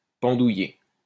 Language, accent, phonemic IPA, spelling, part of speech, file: French, France, /pɑ̃.du.je/, pendouiller, verb, LL-Q150 (fra)-pendouiller.wav
- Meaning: to dangle